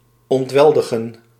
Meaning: to take away by force, to plunder
- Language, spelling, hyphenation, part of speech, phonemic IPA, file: Dutch, ontweldigen, ont‧wel‧di‧gen, verb, /ˌɔntˈʋɛl.də.xə(n)/, Nl-ontweldigen.ogg